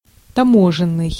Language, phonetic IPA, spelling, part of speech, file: Russian, [tɐˈmoʐɨn(ː)ɨj], таможенный, adjective, Ru-таможенный.ogg
- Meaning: customs (import duties)